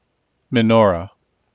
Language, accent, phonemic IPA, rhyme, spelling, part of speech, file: English, US, /mɪˈnɔːɹə/, -ɔːɹə, menorah, noun, En-us-menorah.ogg
- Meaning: 1. A holy candelabrum with seven branches used in the Temple of Jerusalem 2. A candelabrum with nine branches, used in Jewish worship on Hanukkah